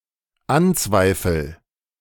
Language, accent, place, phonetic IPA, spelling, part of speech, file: German, Germany, Berlin, [ˈanˌt͡svaɪ̯fl̩], anzweifel, verb, De-anzweifel.ogg
- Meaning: first-person singular dependent present of anzweifeln